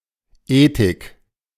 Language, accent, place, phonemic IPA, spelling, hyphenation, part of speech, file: German, Germany, Berlin, /ˈeːtɪk/, Ethik, Ethik, noun, De-Ethik.ogg
- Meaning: ethics (study of principles governing right and wrong conduct)